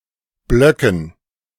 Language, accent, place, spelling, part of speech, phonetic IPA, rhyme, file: German, Germany, Berlin, Blöcken, noun, [ˈblœkn̩], -œkn̩, De-Blöcken.ogg
- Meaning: dative plural of Block